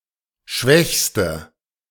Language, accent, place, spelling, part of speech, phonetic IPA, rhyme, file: German, Germany, Berlin, schwächste, adjective, [ˈʃvɛçstə], -ɛçstə, De-schwächste.ogg
- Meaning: inflection of schwach: 1. strong/mixed nominative/accusative feminine singular superlative degree 2. strong nominative/accusative plural superlative degree